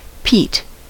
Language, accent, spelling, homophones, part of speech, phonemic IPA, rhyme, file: English, US, peat, Pete, noun, /piːt/, -iːt, En-us-peat.ogg
- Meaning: Soil formed of dead but not fully decayed plants found in bog areas, often burned as fuel